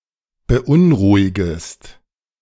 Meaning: second-person singular subjunctive I of beunruhigen
- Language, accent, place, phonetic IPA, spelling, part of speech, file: German, Germany, Berlin, [bəˈʔʊnˌʁuːɪɡəst], beunruhigest, verb, De-beunruhigest.ogg